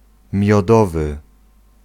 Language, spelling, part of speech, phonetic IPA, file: Polish, miodowy, adjective, [mʲjɔˈdɔvɨ], Pl-miodowy.ogg